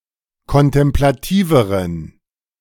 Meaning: inflection of kontemplativ: 1. strong genitive masculine/neuter singular comparative degree 2. weak/mixed genitive/dative all-gender singular comparative degree
- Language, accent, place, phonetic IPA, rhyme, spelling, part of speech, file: German, Germany, Berlin, [kɔntɛmplaˈtiːvəʁən], -iːvəʁən, kontemplativeren, adjective, De-kontemplativeren.ogg